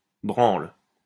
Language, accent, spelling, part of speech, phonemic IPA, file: French, France, branle, noun / verb, /bʁɑ̃l/, LL-Q150 (fra)-branle.wav
- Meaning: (noun) 1. shake (act of shaking) 2. wank (act of masturbating) 3. a sailor's hammock on board a ship; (verb) inflection of branler: first/third-person singular present indicative/subjunctive